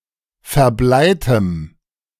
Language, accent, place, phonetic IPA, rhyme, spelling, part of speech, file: German, Germany, Berlin, [fɛɐ̯ˈblaɪ̯təm], -aɪ̯təm, verbleitem, adjective, De-verbleitem.ogg
- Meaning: strong dative masculine/neuter singular of verbleit